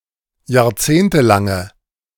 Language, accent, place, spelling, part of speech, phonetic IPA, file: German, Germany, Berlin, jahrzehntelange, adjective, [jaːɐ̯ˈt͡seːntəˌlaŋə], De-jahrzehntelange.ogg
- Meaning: inflection of jahrzehntelang: 1. strong/mixed nominative/accusative feminine singular 2. strong nominative/accusative plural 3. weak nominative all-gender singular